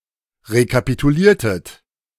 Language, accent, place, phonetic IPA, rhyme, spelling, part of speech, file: German, Germany, Berlin, [ʁekapituˈliːɐ̯tət], -iːɐ̯tət, rekapituliertet, verb, De-rekapituliertet.ogg
- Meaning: inflection of rekapitulieren: 1. second-person plural preterite 2. second-person plural subjunctive II